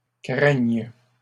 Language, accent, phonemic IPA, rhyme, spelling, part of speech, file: French, Canada, /kʁɛɲ/, -ɛɲ, craigne, verb, LL-Q150 (fra)-craigne.wav
- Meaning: first/third-person singular present subjunctive of craindre